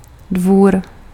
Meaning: 1. court, courtyard (an enclosed space) 2. court (the collective body of persons composing the retinue of a sovereign or person high in authority) 3. estate, farm
- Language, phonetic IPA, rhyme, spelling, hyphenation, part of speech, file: Czech, [ˈdvuːr], -uːr, dvůr, dvůr, noun, Cs-dvůr.ogg